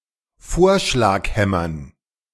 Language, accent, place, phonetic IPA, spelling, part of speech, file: German, Germany, Berlin, [ˈfoːɐ̯ʃlaːkˌhɛmɐn], Vorschlaghämmern, noun, De-Vorschlaghämmern.ogg
- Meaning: dative plural of Vorschlaghammer